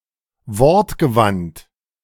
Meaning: eloquent, talkative
- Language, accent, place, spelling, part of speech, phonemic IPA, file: German, Germany, Berlin, wortgewandt, adjective, /ˈvɔʁtɡəˌvant/, De-wortgewandt.ogg